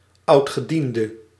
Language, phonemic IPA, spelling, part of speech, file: Dutch, /ˈɑutxəˌdində/, oudgediende, noun / adjective, Nl-oudgediende.ogg
- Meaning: 1. veteran 2. old-timer